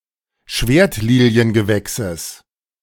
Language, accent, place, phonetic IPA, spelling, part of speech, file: German, Germany, Berlin, [ˈʃveːɐ̯tliːli̯ənɡəˌvɛksəs], Schwertliliengewächses, noun, De-Schwertliliengewächses.ogg
- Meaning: genitive singular of Schwertliliengewächs